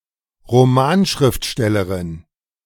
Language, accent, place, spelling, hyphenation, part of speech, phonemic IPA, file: German, Germany, Berlin, Romanschriftstellerin, Ro‧man‧schrift‧stel‧le‧rin, noun, /ʁoˈmaːnˌʃʁɪftʃtɛləʁɪn/, De-Romanschriftstellerin.ogg
- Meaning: novelist (female author of novels)